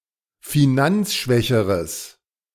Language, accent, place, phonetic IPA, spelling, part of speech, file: German, Germany, Berlin, [fiˈnant͡sˌʃvɛçəʁəs], finanzschwächeres, adjective, De-finanzschwächeres.ogg
- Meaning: strong/mixed nominative/accusative neuter singular comparative degree of finanzschwach